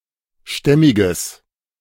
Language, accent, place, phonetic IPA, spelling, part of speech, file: German, Germany, Berlin, [ˈʃtɛmɪɡəs], stämmiges, adjective, De-stämmiges.ogg
- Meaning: strong/mixed nominative/accusative neuter singular of stämmig